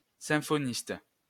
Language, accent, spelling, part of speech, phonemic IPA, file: French, France, symphoniste, noun, /sɛ̃.fɔ.nist/, LL-Q150 (fra)-symphoniste.wav
- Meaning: symphonist